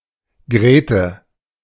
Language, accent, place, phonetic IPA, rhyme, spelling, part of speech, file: German, Germany, Berlin, [ˈɡʁeːtə], -eːtə, Grete, proper noun, De-Grete.ogg
- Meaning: a diminutive of the female given name Margarete